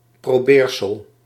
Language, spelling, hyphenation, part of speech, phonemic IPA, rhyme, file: Dutch, probeersel, pro‧beer‧sel, noun, /ˌproːˈbeːr.səl/, -eːrsəl, Nl-probeersel.ogg
- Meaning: something that has been or is being tried out or the result thereof; a test, an attempt, a practice